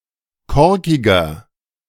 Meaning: 1. comparative degree of korkig 2. inflection of korkig: strong/mixed nominative masculine singular 3. inflection of korkig: strong genitive/dative feminine singular
- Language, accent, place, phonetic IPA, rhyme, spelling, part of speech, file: German, Germany, Berlin, [ˈkɔʁkɪɡɐ], -ɔʁkɪɡɐ, korkiger, adjective, De-korkiger.ogg